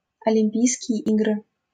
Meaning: Olympic Games
- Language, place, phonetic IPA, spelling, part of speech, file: Russian, Saint Petersburg, [ɐlʲɪm⁽ʲ⁾ˈpʲijskʲɪje ˈiɡrɨ], Олимпийские игры, proper noun, LL-Q7737 (rus)-Олимпийские игры.wav